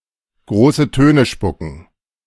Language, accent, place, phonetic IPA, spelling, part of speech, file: German, Germany, Berlin, [ˈɡʁoːsə ˈtøːnə ˈʃpʊkn̩], große Töne spucken, verb, De-große Töne spucken.ogg
- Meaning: to brag, boast